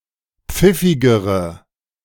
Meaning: inflection of pfiffig: 1. strong/mixed nominative/accusative feminine singular comparative degree 2. strong nominative/accusative plural comparative degree
- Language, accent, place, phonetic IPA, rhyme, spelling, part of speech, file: German, Germany, Berlin, [ˈp͡fɪfɪɡəʁə], -ɪfɪɡəʁə, pfiffigere, adjective, De-pfiffigere.ogg